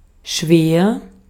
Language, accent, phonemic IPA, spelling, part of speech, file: German, Austria, /ʃveːr/, schwer, adjective, De-at-schwer.ogg
- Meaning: 1. heavy, weighty 2. indigestible 3. grave, severe, intense, serious, heavy 4. heavy (doing the specified activity more intensely) 5. clumsy, sluggish 6. difficult, hard 7. very, much